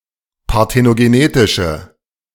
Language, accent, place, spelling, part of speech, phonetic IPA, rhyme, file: German, Germany, Berlin, parthenogenetische, adjective, [paʁtenoɡeˈneːtɪʃə], -eːtɪʃə, De-parthenogenetische.ogg
- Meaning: inflection of parthenogenetisch: 1. strong/mixed nominative/accusative feminine singular 2. strong nominative/accusative plural 3. weak nominative all-gender singular